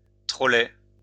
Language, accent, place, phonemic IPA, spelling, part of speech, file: French, France, Lyon, /tʁɔ.lɛ/, trolley, noun, LL-Q150 (fra)-trolley.wav
- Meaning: 1. trolley pole 2. trolleybus